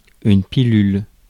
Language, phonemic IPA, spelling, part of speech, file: French, /pi.lyl/, pilule, noun, Fr-pilule.ogg
- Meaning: 1. pill (small object to be swallowed) 2. the contraceptive pill 3. an unpleasant situation or piece of news